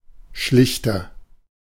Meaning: 1. comparative degree of schlicht 2. inflection of schlicht: strong/mixed nominative masculine singular 3. inflection of schlicht: strong genitive/dative feminine singular
- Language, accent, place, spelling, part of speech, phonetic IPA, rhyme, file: German, Germany, Berlin, schlichter, adjective, [ˈʃlɪçtɐ], -ɪçtɐ, De-schlichter.ogg